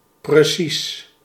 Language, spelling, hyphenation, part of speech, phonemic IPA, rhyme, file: Dutch, precies, pre‧cies, adjective / adverb, /prəˈsis/, -is, Nl-precies.ogg
- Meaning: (adjective) 1. exact, precise 2. accurate, careful; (adverb) 1. exactly, precisely 2. seemingly